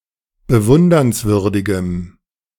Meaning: strong dative masculine/neuter singular of bewundernswürdig
- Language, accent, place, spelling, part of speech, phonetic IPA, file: German, Germany, Berlin, bewundernswürdigem, adjective, [bəˈvʊndɐnsˌvʏʁdɪɡəm], De-bewundernswürdigem.ogg